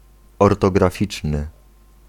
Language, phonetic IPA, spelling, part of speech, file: Polish, [ˌɔrtɔɡraˈfʲit͡ʃnɨ], ortograficzny, adjective, Pl-ortograficzny.ogg